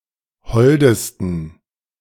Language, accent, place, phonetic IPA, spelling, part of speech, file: German, Germany, Berlin, [ˈhɔldəstn̩], holdesten, adjective, De-holdesten.ogg
- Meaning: 1. superlative degree of hold 2. inflection of hold: strong genitive masculine/neuter singular superlative degree